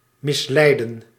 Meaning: to mislead
- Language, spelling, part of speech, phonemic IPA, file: Dutch, misleiden, verb, /ˌmɪsˈlɛi̯.də(n)/, Nl-misleiden.ogg